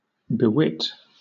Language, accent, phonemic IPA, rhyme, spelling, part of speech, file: English, Southern England, /bɪˈwɪt/, -ɪt, bewit, verb, LL-Q1860 (eng)-bewit.wav
- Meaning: 1. To bequeath 2. To endue or impart wit (to); instruct